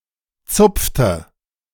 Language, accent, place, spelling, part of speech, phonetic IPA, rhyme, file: German, Germany, Berlin, zupfte, verb, [ˈt͡sʊp͡ftə], -ʊp͡ftə, De-zupfte.ogg
- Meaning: inflection of zupfen: 1. first/third-person singular preterite 2. first/third-person singular subjunctive II